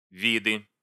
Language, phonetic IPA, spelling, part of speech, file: Russian, [ˈvʲidɨ], виды, noun, Ru-виды.ogg
- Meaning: nominative/accusative plural of вид (vid)